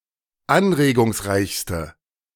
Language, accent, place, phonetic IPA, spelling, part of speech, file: German, Germany, Berlin, [ˈanʁeːɡʊŋsˌʁaɪ̯çstə], anregungsreichste, adjective, De-anregungsreichste.ogg
- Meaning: inflection of anregungsreich: 1. strong/mixed nominative/accusative feminine singular superlative degree 2. strong nominative/accusative plural superlative degree